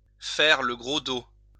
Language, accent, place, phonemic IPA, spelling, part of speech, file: French, France, Lyon, /fɛʁ lə ɡʁo do/, faire le gros dos, verb, LL-Q150 (fra)-faire le gros dos.wav
- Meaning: 1. to arch one's back 2. to weather the storm, lie low